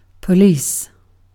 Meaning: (noun) A constituted body of officers representing the civil authority of government, empowered to maintain public order and safety, enforce the law, and prevent, detect, and investigate crime
- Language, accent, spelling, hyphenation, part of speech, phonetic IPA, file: English, UK, police, po‧lice, noun / verb, [pʰə̆ˈliˑs], En-uk-police.ogg